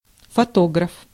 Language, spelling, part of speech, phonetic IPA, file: Russian, фотограф, noun, [fɐˈtoɡrəf], Ru-фотограф.ogg
- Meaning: photographer (male or female)